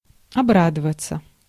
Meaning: to rejoice, to be glad, to be happy
- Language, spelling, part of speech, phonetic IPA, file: Russian, обрадоваться, verb, [ɐˈbradəvət͡sə], Ru-обрадоваться.ogg